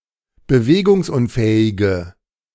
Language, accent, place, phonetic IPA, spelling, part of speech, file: German, Germany, Berlin, [bəˈveːɡʊŋsˌʔʊnfɛːɪɡə], bewegungsunfähige, adjective, De-bewegungsunfähige.ogg
- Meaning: inflection of bewegungsunfähig: 1. strong/mixed nominative/accusative feminine singular 2. strong nominative/accusative plural 3. weak nominative all-gender singular